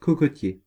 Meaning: coconut, coconut palm
- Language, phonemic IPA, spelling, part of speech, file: French, /ko.ko.tje/, cocotier, noun, Fr-cocotier.ogg